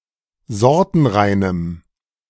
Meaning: strong dative masculine/neuter singular of sortenrein
- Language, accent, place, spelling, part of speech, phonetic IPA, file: German, Germany, Berlin, sortenreinem, adjective, [ˈzɔʁtn̩ˌʁaɪ̯nəm], De-sortenreinem.ogg